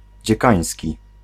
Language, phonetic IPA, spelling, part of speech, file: Polish, [d͡ʑɛˈkãj̃sʲci], dziekański, adjective, Pl-dziekański.ogg